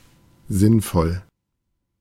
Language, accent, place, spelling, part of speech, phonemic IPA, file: German, Germany, Berlin, sinnvoll, adjective, /ˈzɪnfɔl/, De-sinnvoll.ogg
- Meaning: 1. meaningful 2. sensible